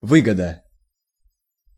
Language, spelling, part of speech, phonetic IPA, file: Russian, выгода, noun, [ˈvɨɡədə], Ru-выгода.ogg
- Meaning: 1. profit 2. advantage, benefit